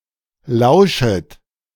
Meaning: second-person plural subjunctive I of lauschen
- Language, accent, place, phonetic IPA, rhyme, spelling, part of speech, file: German, Germany, Berlin, [ˈlaʊ̯ʃət], -aʊ̯ʃət, lauschet, verb, De-lauschet.ogg